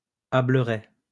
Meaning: a square lift net attached to the end of a perch and used for fishing bleaks ad similar small fishes
- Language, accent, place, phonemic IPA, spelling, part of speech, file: French, France, Lyon, /a.blə.ʁɛ/, ableret, noun, LL-Q150 (fra)-ableret.wav